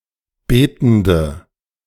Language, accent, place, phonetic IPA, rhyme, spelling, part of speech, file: German, Germany, Berlin, [ˈbeːtn̩də], -eːtn̩də, betende, adjective, De-betende.ogg
- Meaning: inflection of betend: 1. strong/mixed nominative/accusative feminine singular 2. strong nominative/accusative plural 3. weak nominative all-gender singular 4. weak accusative feminine/neuter singular